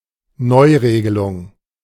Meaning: revision (of regulations)
- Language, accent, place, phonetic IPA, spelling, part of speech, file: German, Germany, Berlin, [ˈnɔɪ̯ˌʁeːɡəlʊŋ], Neuregelung, noun, De-Neuregelung.ogg